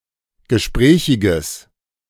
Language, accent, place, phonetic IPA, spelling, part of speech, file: German, Germany, Berlin, [ɡəˈʃpʁɛːçɪɡəs], gesprächiges, adjective, De-gesprächiges.ogg
- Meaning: strong/mixed nominative/accusative neuter singular of gesprächig